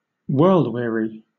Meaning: 1. Tired of the ways of the world; feeling apathetic or cynical due to one's life experiences 2. Bored with life
- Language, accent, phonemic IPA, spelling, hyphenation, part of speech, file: English, Southern England, /ˈwɜːld ˌwɪəɹi/, world-weary, world-wea‧ry, adjective, LL-Q1860 (eng)-world-weary.wav